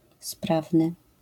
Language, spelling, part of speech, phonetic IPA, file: Polish, sprawny, adjective, [ˈspravnɨ], LL-Q809 (pol)-sprawny.wav